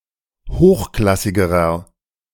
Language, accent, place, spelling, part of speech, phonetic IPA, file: German, Germany, Berlin, hochklassigerer, adjective, [ˈhoːxˌklasɪɡəʁɐ], De-hochklassigerer.ogg
- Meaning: inflection of hochklassig: 1. strong/mixed nominative masculine singular comparative degree 2. strong genitive/dative feminine singular comparative degree 3. strong genitive plural comparative degree